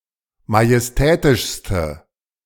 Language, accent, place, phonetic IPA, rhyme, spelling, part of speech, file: German, Germany, Berlin, [majɛsˈtɛːtɪʃstə], -ɛːtɪʃstə, majestätischste, adjective, De-majestätischste.ogg
- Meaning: inflection of majestätisch: 1. strong/mixed nominative/accusative feminine singular superlative degree 2. strong nominative/accusative plural superlative degree